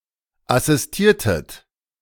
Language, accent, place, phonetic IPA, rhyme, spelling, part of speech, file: German, Germany, Berlin, [asɪsˈtiːɐ̯tət], -iːɐ̯tət, assistiertet, verb, De-assistiertet.ogg
- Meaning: inflection of assistieren: 1. second-person plural preterite 2. second-person plural subjunctive II